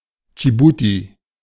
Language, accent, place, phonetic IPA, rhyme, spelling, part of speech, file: German, Germany, Berlin, [d͡ʒiˈbuːti], -uːti, Dschibuti, proper noun, De-Dschibuti.ogg
- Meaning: Djibouti (a country in East Africa)